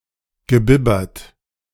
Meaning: past participle of bibbern
- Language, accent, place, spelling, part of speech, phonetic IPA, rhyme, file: German, Germany, Berlin, gebibbert, verb, [ɡəˈbɪbɐt], -ɪbɐt, De-gebibbert.ogg